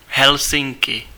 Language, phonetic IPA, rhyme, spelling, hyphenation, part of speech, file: Czech, [ˈɦɛlsɪŋkɪ], -ɪŋkɪ, Helsinky, Hel‧sin‧ky, proper noun, Cs-Helsinky.ogg
- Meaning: Helsinki (the capital and largest city of Finland)